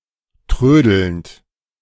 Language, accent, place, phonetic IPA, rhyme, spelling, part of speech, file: German, Germany, Berlin, [ˈtʁøːdl̩nt], -øːdl̩nt, trödelnd, verb, De-trödelnd.ogg
- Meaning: present participle of trödeln